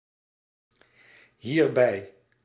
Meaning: pronominal adverb form of bij + dit; hereby
- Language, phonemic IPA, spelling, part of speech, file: Dutch, /ˈhierbɛi/, hierbij, adverb, Nl-hierbij.ogg